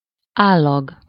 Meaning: consistence, consistency
- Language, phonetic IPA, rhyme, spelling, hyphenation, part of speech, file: Hungarian, [ˈaːlːɒɡ], -ɒɡ, állag, ál‧lag, noun, Hu-állag.ogg